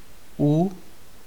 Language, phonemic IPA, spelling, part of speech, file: Czech, /u/, u, preposition, Cs-u.ogg
- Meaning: 1. at 2. by